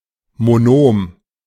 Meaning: monomial
- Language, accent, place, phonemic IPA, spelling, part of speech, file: German, Germany, Berlin, /moˈnoːm/, Monom, noun, De-Monom.ogg